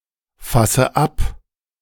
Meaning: inflection of abfassen: 1. first-person singular present 2. first/third-person singular subjunctive I 3. singular imperative
- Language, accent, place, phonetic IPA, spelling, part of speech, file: German, Germany, Berlin, [ˌfasə ˈap], fasse ab, verb, De-fasse ab.ogg